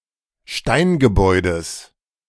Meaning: genitive singular of Steingebäude
- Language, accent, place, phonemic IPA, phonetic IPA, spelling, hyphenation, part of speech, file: German, Germany, Berlin, /ˈʃtaɪnɡəˌbɔʏ̯dəs/, [ˈʃtaɪnɡəˌbɔɪ̯dəs], Steingebäudes, Stein‧ge‧bäu‧des, noun, De-Steingebäudes.ogg